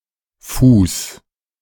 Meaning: 1. foot (body part) 2. footing 3. pedestal 4. foot 5. metrical foot 6. leg
- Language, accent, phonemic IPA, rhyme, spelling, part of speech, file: German, Germany, /fuːs/, -uːs, Fuß, noun, De-Fuß2.ogg